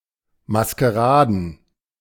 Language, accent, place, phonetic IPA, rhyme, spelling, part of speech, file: German, Germany, Berlin, [maskəˈʁaːdn̩], -aːdn̩, Maskeraden, noun, De-Maskeraden.ogg
- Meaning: plural of Maskerade